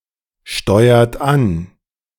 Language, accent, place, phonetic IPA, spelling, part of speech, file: German, Germany, Berlin, [ˌʃtɔɪ̯ɐt ˈan], steuert an, verb, De-steuert an.ogg
- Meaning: inflection of ansteuern: 1. second-person plural present 2. third-person singular present 3. plural imperative